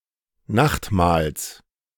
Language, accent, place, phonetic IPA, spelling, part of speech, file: German, Germany, Berlin, [ˈnaxtˌmaːls], Nachtmahls, noun, De-Nachtmahls.ogg
- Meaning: genitive singular of Nachtmahl